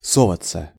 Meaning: 1. to try to get (somewhere), to try to enter (a place), to poke one's head in 2. to turn (to), to go (to) 3. to butt (in), to poke one's nose (into) 4. passive of сова́ть (sovátʹ)
- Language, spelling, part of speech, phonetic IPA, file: Russian, соваться, verb, [sɐˈvat͡sːə], Ru-со́ваться.ogg